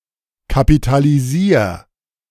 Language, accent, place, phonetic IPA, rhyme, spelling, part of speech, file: German, Germany, Berlin, [kapitaliˈziːɐ̯], -iːɐ̯, kapitalisier, verb, De-kapitalisier.ogg
- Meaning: 1. singular imperative of kapitalisieren 2. first-person singular present of kapitalisieren